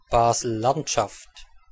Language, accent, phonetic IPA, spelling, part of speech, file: German, Switzerland, [ˌbaːzl̩ˈlantʃaft], Basel-Landschaft, proper noun, De-Basel-Landschaft.ogg
- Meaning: Basel-Landschaft, Basel-Country (a canton of Switzerland)